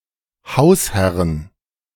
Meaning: plural of Hausherr
- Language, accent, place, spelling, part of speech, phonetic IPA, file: German, Germany, Berlin, Hausherren, noun, [ˈhaʊ̯sˌhɛʁən], De-Hausherren.ogg